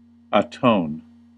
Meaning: 1. To make reparation, compensation, amends or satisfaction for an offence, crime, mistake or deficiency 2. To bring at one or at concordance; to reconcile; to suffer appeasement
- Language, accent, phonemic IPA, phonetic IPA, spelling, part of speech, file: English, US, /əˈtoʊn/, [əˈtʰoʊ̯n], atone, verb, En-us-atone.ogg